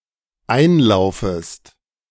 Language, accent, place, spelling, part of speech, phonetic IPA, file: German, Germany, Berlin, einlaufest, verb, [ˈaɪ̯nˌlaʊ̯fəst], De-einlaufest.ogg
- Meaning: second-person singular dependent subjunctive I of einlaufen